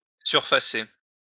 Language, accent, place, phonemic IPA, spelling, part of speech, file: French, France, Lyon, /syʁ.fa.se/, surfacer, verb, LL-Q150 (fra)-surfacer.wav
- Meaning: to plane, to smooth (a surface)